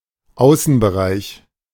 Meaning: 1. exterior 2. outdoor area 3. outskirts 4. forecourt
- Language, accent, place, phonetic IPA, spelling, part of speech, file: German, Germany, Berlin, [ˈaʊ̯sn̩bəˌʁaɪ̯ç], Außenbereich, noun, De-Außenbereich.ogg